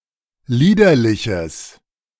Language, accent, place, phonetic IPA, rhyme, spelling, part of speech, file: German, Germany, Berlin, [ˈliːdɐlɪçəs], -iːdɐlɪçəs, liederliches, adjective, De-liederliches.ogg
- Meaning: strong/mixed nominative/accusative neuter singular of liederlich